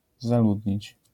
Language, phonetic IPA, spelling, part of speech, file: Polish, [zaˈludʲɲit͡ɕ], zaludnić, verb, LL-Q809 (pol)-zaludnić.wav